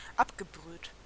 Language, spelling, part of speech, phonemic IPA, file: German, abgebrüht, adjective, /ˈap.ɡəˌbʁyːt/, De-abgebrüht.ogg
- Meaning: callous and cunning; experienced in “the game”, in immoral behaviour